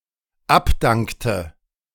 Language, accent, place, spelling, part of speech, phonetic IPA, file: German, Germany, Berlin, abdankte, verb, [ˈapˌdaŋktə], De-abdankte.ogg
- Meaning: inflection of abdanken: 1. first/third-person singular dependent preterite 2. first/third-person singular dependent subjunctive II